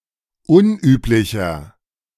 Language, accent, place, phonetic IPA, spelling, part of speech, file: German, Germany, Berlin, [ˈʊnˌʔyːplɪçɐ], unüblicher, adjective, De-unüblicher.ogg
- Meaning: 1. comparative degree of unüblich 2. inflection of unüblich: strong/mixed nominative masculine singular 3. inflection of unüblich: strong genitive/dative feminine singular